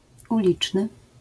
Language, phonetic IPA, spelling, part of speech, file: Polish, [uˈlʲit͡ʃnɨ], uliczny, adjective, LL-Q809 (pol)-uliczny.wav